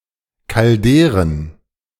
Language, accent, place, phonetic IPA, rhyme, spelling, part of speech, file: German, Germany, Berlin, [kalˈdeːʁən], -eːʁən, Calderen, noun, De-Calderen.ogg
- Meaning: plural of Caldera